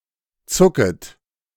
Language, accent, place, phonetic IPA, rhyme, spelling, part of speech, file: German, Germany, Berlin, [ˈt͡sʊkət], -ʊkət, zucket, verb, De-zucket.ogg
- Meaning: second-person plural subjunctive I of zucken